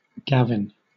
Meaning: 1. A male given name from the Celtic languages 2. A surname originating as a patronymic
- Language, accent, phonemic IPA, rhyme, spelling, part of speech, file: English, Southern England, /ˈɡævɪn/, -ævɪn, Gavin, proper noun, LL-Q1860 (eng)-Gavin.wav